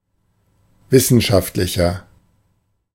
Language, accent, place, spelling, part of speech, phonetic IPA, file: German, Germany, Berlin, wissenschaftlicher, adjective, [ˈvɪsn̩ʃaftlɪçɐ], De-wissenschaftlicher.ogg
- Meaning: 1. comparative degree of wissenschaftlich 2. inflection of wissenschaftlich: strong/mixed nominative masculine singular 3. inflection of wissenschaftlich: strong genitive/dative feminine singular